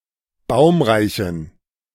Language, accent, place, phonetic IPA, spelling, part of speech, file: German, Germany, Berlin, [ˈbaʊ̯mʁaɪ̯çn̩], baumreichen, adjective, De-baumreichen.ogg
- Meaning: inflection of baumreich: 1. strong genitive masculine/neuter singular 2. weak/mixed genitive/dative all-gender singular 3. strong/weak/mixed accusative masculine singular 4. strong dative plural